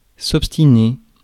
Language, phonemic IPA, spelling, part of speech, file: French, /ɔp.sti.ne/, obstiner, verb, Fr-obstiner.ogg
- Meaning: 1. to persevere, persist, insist 2. be obstinate about something